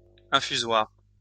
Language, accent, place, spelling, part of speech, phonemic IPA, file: French, France, Lyon, infusoire, noun, /ɛ̃.fy.zwaʁ/, LL-Q150 (fra)-infusoire.wav
- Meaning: infusoria